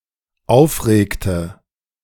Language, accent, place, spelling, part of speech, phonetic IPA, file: German, Germany, Berlin, aufregte, verb, [ˈaʊ̯fˌʁeːktə], De-aufregte.ogg
- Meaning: inflection of aufregen: 1. first/third-person singular dependent preterite 2. first/third-person singular dependent subjunctive II